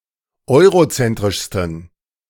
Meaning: 1. superlative degree of eurozentrisch 2. inflection of eurozentrisch: strong genitive masculine/neuter singular superlative degree
- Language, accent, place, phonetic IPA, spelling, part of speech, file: German, Germany, Berlin, [ˈɔɪ̯ʁoˌt͡sɛntʁɪʃstn̩], eurozentrischsten, adjective, De-eurozentrischsten.ogg